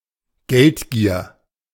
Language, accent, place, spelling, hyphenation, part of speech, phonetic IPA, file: German, Germany, Berlin, Geldgier, Geld‧gier, noun, [ˈɡɛltɡiːɐ̯], De-Geldgier.ogg
- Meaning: greed for money